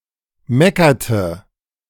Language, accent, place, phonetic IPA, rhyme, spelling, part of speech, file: German, Germany, Berlin, [ˈmɛkɐtə], -ɛkɐtə, meckerte, verb, De-meckerte.ogg
- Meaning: inflection of meckern: 1. first/third-person singular preterite 2. first/third-person singular subjunctive II